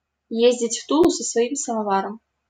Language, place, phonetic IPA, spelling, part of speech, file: Russian, Saint Petersburg, [ˈjezʲdʲɪtʲ ˈf‿tuɫʊ sə‿svɐˈim səmɐˈvarəm], ездить в Тулу со своим самоваром, verb, LL-Q7737 (rus)-ездить в Тулу со своим самоваром.wav
- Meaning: to do something that is clearly not needed